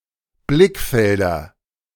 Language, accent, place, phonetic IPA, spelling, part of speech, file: German, Germany, Berlin, [ˈblɪkˌfɛldɐ], Blickfelder, noun, De-Blickfelder.ogg
- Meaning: nominative/accusative/genitive plural of Blickfeld